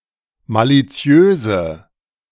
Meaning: inflection of maliziös: 1. strong/mixed nominative/accusative feminine singular 2. strong nominative/accusative plural 3. weak nominative all-gender singular
- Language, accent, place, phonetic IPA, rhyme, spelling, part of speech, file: German, Germany, Berlin, [ˌmaliˈt͡si̯øːzə], -øːzə, maliziöse, adjective, De-maliziöse.ogg